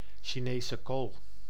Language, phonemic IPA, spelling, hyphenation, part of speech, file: Dutch, /ʃiˈneː.sə ˌkoːl/, Chinese kool, Chi‧ne‧se kool, noun, Nl-Chinese kool.ogg
- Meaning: a napa cabbage, Brassica rapa subsp. pekinensis